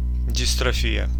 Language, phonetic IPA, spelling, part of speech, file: Russian, [dʲɪstrɐˈfʲijə], дистрофия, noun, Ru-дистрофия.ogg
- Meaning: dystrophy